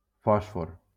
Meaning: phosphorus
- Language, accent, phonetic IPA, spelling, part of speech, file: Catalan, Valencia, [ˈfɔs.for], fòsfor, noun, LL-Q7026 (cat)-fòsfor.wav